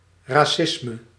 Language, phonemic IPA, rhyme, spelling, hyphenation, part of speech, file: Dutch, /ˌraːˈsɪs.mə/, -ɪsmə, racisme, ra‧cis‧me, noun, Nl-racisme.ogg
- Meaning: 1. racism (hatred, discrimination or bias based on race or descent) 2. racialism (ideology that posits racial differences and racial determinism; ideology of racial superiority)